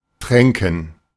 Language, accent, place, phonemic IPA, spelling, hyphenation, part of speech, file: German, Germany, Berlin, /ˈtʁɛŋkən/, tränken, trän‧ken, verb, De-tränken.ogg
- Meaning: 1. to water (provide animals with water) 2. to give (a person) drink 3. to soak, drench, saturate (something absorbent in a liquid) 4. first/third-person plural subjunctive II of trinken